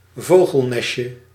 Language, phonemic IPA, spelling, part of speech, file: Dutch, /ˈvoɣəlˌnɛs(t)jə/, vogelnestje, noun, Nl-vogelnestje.ogg
- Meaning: 1. diminutive of vogelnest 2. bird's-nest orchid (Neottia nidus-avis) 3. a type of Scotch egg